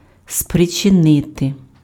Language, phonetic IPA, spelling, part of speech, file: Ukrainian, [spret͡ʃeˈnɪte], спричинити, verb, Uk-спричинити.ogg
- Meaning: to cause, to occasion